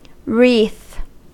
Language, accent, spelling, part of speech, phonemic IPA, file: English, General American, wreath, noun / verb, /ɹiθ/, En-us-wreath.ogg
- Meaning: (noun) Something twisted, intertwined, or curled